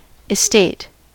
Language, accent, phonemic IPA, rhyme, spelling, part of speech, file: English, US, /ɪˈsteɪt/, -eɪt, estate, noun / adjective / verb, En-us-estate.ogg
- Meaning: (noun) 1. The collective property and liabilities of someone, especially a deceased person 2. state; condition 3. Status, rank 4. The condition of one's fortunes; prosperity, possessions